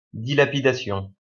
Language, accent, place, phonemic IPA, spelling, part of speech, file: French, France, Lyon, /di.la.pi.da.sjɔ̃/, dilapidation, noun, LL-Q150 (fra)-dilapidation.wav
- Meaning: 1. waste 2. an embezzlement for one's own profit